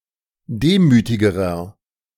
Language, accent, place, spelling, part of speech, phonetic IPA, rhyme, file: German, Germany, Berlin, demütigerer, adjective, [ˈdeːmyːtɪɡəʁɐ], -eːmyːtɪɡəʁɐ, De-demütigerer.ogg
- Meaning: inflection of demütig: 1. strong/mixed nominative masculine singular comparative degree 2. strong genitive/dative feminine singular comparative degree 3. strong genitive plural comparative degree